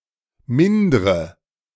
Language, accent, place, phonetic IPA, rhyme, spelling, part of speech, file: German, Germany, Berlin, [ˈmɪndʁə], -ɪndʁə, mindre, verb, De-mindre.ogg
- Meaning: inflection of mindern: 1. first-person singular present 2. first/third-person singular subjunctive I 3. singular imperative